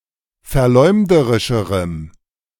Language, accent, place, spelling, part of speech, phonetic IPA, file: German, Germany, Berlin, verleumderischerem, adjective, [fɛɐ̯ˈlɔɪ̯mdəʁɪʃəʁəm], De-verleumderischerem.ogg
- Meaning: strong dative masculine/neuter singular comparative degree of verleumderisch